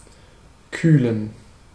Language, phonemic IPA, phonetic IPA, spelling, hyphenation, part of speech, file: German, /ˈkyːlən/, [ˈkʰyːln], kühlen, küh‧len, verb, De-kühlen.ogg
- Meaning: to cool, to refrigerate